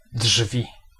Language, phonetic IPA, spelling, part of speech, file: Polish, [ḍʒvʲi], drzwi, noun, Pl-drzwi.ogg